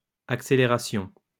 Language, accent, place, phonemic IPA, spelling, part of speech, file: French, France, Lyon, /ak.se.le.ʁa.sjɔ̃/, accélérations, noun, LL-Q150 (fra)-accélérations.wav
- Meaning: plural of accélération